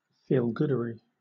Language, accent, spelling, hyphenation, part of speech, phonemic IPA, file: English, Southern England, feelgoodery, feel‧good‧ery, noun, /ˌfiːlˈɡʊdəɹi/, LL-Q1860 (eng)-feelgoodery.wav